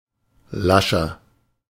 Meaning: 1. comparative degree of lasch 2. inflection of lasch: strong/mixed nominative masculine singular 3. inflection of lasch: strong genitive/dative feminine singular
- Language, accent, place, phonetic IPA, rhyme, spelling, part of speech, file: German, Germany, Berlin, [ˈlaʃɐ], -aʃɐ, lascher, adjective, De-lascher.ogg